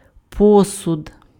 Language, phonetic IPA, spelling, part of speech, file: Ukrainian, [ˈpɔsʊd], посуд, noun, Uk-посуд.ogg
- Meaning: 1. tableware, dishes, dishware 2. container, in which food products or drinks are sold, such as jar, bottle, etc